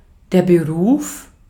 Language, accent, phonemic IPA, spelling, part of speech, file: German, Austria, /bəˈʁuːf/, Beruf, noun, De-at-Beruf.ogg
- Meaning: 1. occupation, profession, trade, job, career 2. vocation